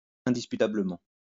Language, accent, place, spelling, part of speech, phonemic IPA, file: French, France, Lyon, indisputablement, adverb, /ɛ̃.dis.py.ta.blə.mɑ̃/, LL-Q150 (fra)-indisputablement.wav
- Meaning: indisputably; undeniably